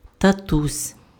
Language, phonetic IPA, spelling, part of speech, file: Ukrainian, [tɐˈtusʲ], татусь, noun, Uk-татусь.ogg
- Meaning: 1. endearing form of та́то (táto, “dad”) 2. endearing form of та́тко (tátko, “dad”)